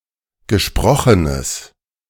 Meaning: strong/mixed nominative/accusative neuter singular of gesprochen
- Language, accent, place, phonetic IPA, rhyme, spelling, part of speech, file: German, Germany, Berlin, [ɡəˈʃpʁɔxənəs], -ɔxənəs, gesprochenes, adjective, De-gesprochenes.ogg